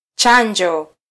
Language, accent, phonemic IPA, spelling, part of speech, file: Swahili, Kenya, /ˈtʃɑ.ⁿdʒɔ/, chanjo, noun, Sw-ke-chanjo.flac
- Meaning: 1. a gash, incision, cut 2. vaccination, inoculation 3. vaccine (substance meant to stimulate production of antibodies)